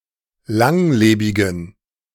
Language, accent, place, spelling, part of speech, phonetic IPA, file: German, Germany, Berlin, langlebigen, adjective, [ˈlaŋˌleːbɪɡn̩], De-langlebigen.ogg
- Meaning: inflection of langlebig: 1. strong genitive masculine/neuter singular 2. weak/mixed genitive/dative all-gender singular 3. strong/weak/mixed accusative masculine singular 4. strong dative plural